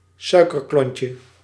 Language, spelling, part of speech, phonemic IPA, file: Dutch, suikerklontje, noun, /ˈsœykərˌklɔɲcə/, Nl-suikerklontje.ogg
- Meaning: diminutive of suikerklont